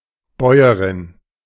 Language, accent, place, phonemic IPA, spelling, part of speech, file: German, Germany, Berlin, /ˈbɔʏ̯əʁɪn/, Bäuerin, noun, De-Bäuerin.ogg
- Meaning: female equivalent of Bauer: female farmer or peasant